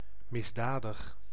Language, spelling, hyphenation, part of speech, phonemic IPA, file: Dutch, misdadig, mis‧da‧dig, adjective, /ˌmɪsˈdaːdəx/, Nl-misdadig.ogg
- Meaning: criminal